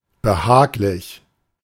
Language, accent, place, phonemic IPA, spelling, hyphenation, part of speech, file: German, Germany, Berlin, /bəˈhaːklɪç/, behaglich, be‧hag‧lich, adjective, De-behaglich.ogg
- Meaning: comfortable, cosy